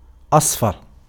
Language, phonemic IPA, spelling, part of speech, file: Arabic, /ʔasˤ.far/, أصفر, adjective, Ar-أصفر.ogg
- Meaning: yellow (“having yellow as its color”)